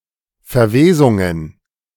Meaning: plural of Verwesung
- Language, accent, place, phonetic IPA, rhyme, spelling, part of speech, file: German, Germany, Berlin, [fɛɐ̯ˈveːzʊŋən], -eːzʊŋən, Verwesungen, noun, De-Verwesungen.ogg